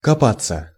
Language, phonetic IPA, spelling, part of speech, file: Russian, [kɐˈpat͡sːə], копаться, verb, Ru-копаться.ogg
- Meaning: 1. to dig 2. to rummage (in), to delve (into), to poke (into) 3. to dawdle 4. passive of копа́ть (kopátʹ)